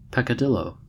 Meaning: 1. A small flaw or sin 2. A petty offense
- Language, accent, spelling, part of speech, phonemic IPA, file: English, US, peccadillo, noun, /ˌpɛ.kəˈdɪ.loʊ/, En-us-peccadillo.ogg